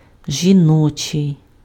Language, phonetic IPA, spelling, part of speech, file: Ukrainian, [ʒʲiˈnɔt͡ʃei̯], жіночий, adjective, Uk-жіночий.ogg
- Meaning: 1. feminine 2. female